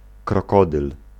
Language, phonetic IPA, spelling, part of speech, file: Polish, [krɔˈkɔdɨl], krokodyl, noun, Pl-krokodyl.ogg